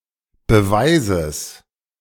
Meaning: genitive singular of Beweis
- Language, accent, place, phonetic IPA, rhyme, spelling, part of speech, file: German, Germany, Berlin, [bəˈvaɪ̯zəs], -aɪ̯zəs, Beweises, noun, De-Beweises.ogg